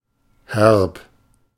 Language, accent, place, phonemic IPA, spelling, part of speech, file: German, Germany, Berlin, /hɛrp/, herb, adjective, De-herb.ogg
- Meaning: 1. slightly bitter or sharp to the taste, often in a pleasant way; tart (but not in the sense of “sour”) 2. harsh; hard